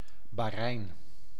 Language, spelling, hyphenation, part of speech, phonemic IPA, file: Dutch, Bahrein, Bah‧rein, proper noun, /bɑxˈrɛi̯n/, Nl-Bahrein.ogg
- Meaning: Bahrain (an archipelago, island, and country in West Asia in the Persian Gulf)